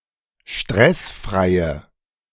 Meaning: inflection of stressfrei: 1. strong/mixed nominative/accusative feminine singular 2. strong nominative/accusative plural 3. weak nominative all-gender singular
- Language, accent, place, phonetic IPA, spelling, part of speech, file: German, Germany, Berlin, [ˈʃtʁɛsˌfʁaɪ̯ə], stressfreie, adjective, De-stressfreie.ogg